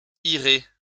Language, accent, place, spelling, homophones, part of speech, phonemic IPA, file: French, France, Lyon, irez, irai, verb, /i.ʁe/, LL-Q150 (fra)-irez.wav
- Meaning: second-person plural simple future active indicative of aller